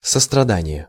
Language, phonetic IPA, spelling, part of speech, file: Russian, [səstrɐˈdanʲɪje], сострадание, noun, Ru-сострадание.ogg
- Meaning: compassion, sympathy